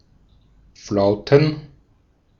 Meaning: plural of Flaute
- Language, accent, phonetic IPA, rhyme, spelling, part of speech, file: German, Austria, [ˈflaʊ̯tn̩], -aʊ̯tn̩, Flauten, noun, De-at-Flauten.ogg